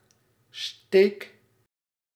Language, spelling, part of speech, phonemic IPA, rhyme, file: Dutch, steek, noun / verb, /steːk/, -eːk, Nl-steek.ogg
- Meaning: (noun) 1. a prick (insect bite), a stab, a thrust 2. a hitch (knot) 3. a stitch 4. a bicorne or tricorn; a cornered hat; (verb) inflection of steken: first-person singular present indicative